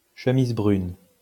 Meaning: plural of chemise brune
- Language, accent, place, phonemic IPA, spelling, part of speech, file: French, France, Lyon, /ʃə.miz bʁyn/, chemises brunes, noun, LL-Q150 (fra)-chemises brunes.wav